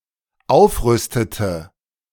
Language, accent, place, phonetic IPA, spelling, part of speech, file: German, Germany, Berlin, [ˈaʊ̯fˌʁʏstətə], aufrüstete, verb, De-aufrüstete.ogg
- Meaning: inflection of aufrüsten: 1. first/third-person singular dependent preterite 2. first/third-person singular dependent subjunctive II